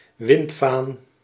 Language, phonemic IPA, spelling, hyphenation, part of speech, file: Dutch, /ˈʋɪnt.faːn/, windvaan, wind‧vaan, noun, Nl-windvaan.ogg
- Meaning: weathervane